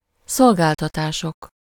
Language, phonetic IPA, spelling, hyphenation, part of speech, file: Hungarian, [ˈsolɡaːltɒtaːʃok], szolgáltatások, szol‧gál‧ta‧tá‧sok, noun, Hu-szolgáltatások.ogg
- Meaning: nominative plural of szolgáltatás